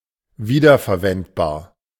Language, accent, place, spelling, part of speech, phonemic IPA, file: German, Germany, Berlin, wiederverwendbar, adjective, /ˈviːdɐfɛɐ̯ˌvɛntbaːɐ̯/, De-wiederverwendbar.ogg
- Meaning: reusable